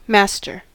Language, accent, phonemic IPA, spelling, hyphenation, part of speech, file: English, US, /ˈmæstɚ/, master, mas‧ter, noun / adjective / verb, En-us-master.ogg
- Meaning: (noun) 1. Someone who has control over something or someone 2. The owner of an animal or slave 3. The captain of a merchant ship; a master mariner 4. A male head of household